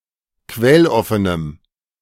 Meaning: strong dative masculine/neuter singular of quelloffen
- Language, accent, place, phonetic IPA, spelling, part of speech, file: German, Germany, Berlin, [ˈkvɛlˌɔfənəm], quelloffenem, adjective, De-quelloffenem.ogg